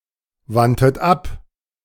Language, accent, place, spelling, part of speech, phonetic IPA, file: German, Germany, Berlin, wandtet ab, verb, [ˌvantət ˈap], De-wandtet ab.ogg
- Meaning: second-person plural preterite of abwenden